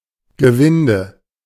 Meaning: thread (helical ridge or groove, as on a screw)
- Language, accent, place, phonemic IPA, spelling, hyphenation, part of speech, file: German, Germany, Berlin, /ɡəˈvɪndə/, Gewinde, Ge‧win‧de, noun, De-Gewinde.ogg